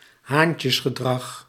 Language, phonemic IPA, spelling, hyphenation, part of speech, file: Dutch, /ˈɦaːn.tjəs.xəˌdrɑx/, haantjesgedrag, haan‧tjes‧ge‧drag, noun, Nl-haantjesgedrag.ogg
- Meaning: 1. male courtship behaviour, such as courtship display 2. human macho behaviour, machismo